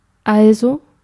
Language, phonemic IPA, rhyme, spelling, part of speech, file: German, /ˈʔalzoː/, -oː, also, conjunction / adverb / interjection, De-also.ogg
- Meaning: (conjunction) so, therefore; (adverb) then, thus, so, hence (Used to connect a sentence or clause with previous information.)